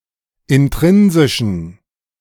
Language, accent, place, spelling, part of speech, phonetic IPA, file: German, Germany, Berlin, intrinsischen, adjective, [ɪnˈtʁɪnzɪʃn̩], De-intrinsischen.ogg
- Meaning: inflection of intrinsisch: 1. strong genitive masculine/neuter singular 2. weak/mixed genitive/dative all-gender singular 3. strong/weak/mixed accusative masculine singular 4. strong dative plural